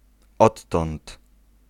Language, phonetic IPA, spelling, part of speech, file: Polish, [ˈɔtːɔ̃nt], odtąd, pronoun, Pl-odtąd.ogg